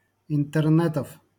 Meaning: genitive plural of интерне́т (intɛrnɛ́t)
- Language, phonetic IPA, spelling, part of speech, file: Russian, [ɪntɨrˈnɛtəf], интернетов, noun, LL-Q7737 (rus)-интернетов.wav